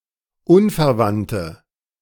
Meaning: inflection of unverwandt: 1. strong/mixed nominative/accusative feminine singular 2. strong nominative/accusative plural 3. weak nominative all-gender singular
- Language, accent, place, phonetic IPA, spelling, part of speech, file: German, Germany, Berlin, [ˈunfɛɐ̯ˌvantə], unverwandte, adjective, De-unverwandte.ogg